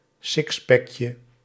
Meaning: diminutive of sixpack
- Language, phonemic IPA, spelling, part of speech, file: Dutch, /ˈsɪkspɛkjə/, sixpackje, noun, Nl-sixpackje.ogg